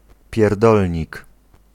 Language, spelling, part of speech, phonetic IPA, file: Polish, pierdolnik, noun, [pʲjɛr.ˈdɔl.ʲɲik], Pl-pierdolnik.ogg